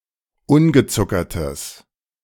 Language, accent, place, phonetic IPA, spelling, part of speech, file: German, Germany, Berlin, [ˈʊnɡəˌt͡sʊkɐtəs], ungezuckertes, adjective, De-ungezuckertes.ogg
- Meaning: strong/mixed nominative/accusative neuter singular of ungezuckert